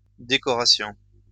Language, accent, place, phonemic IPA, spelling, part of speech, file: French, France, Lyon, /de.kɔ.ʁa.sjɔ̃/, décorations, noun, LL-Q150 (fra)-décorations.wav
- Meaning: plural of décoration